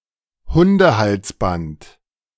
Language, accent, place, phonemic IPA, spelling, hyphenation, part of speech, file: German, Germany, Berlin, /ˈhʊndəˌhalsbant/, Hundehalsband, Hun‧de‧hals‧band, noun, De-Hundehalsband.ogg
- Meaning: dog collar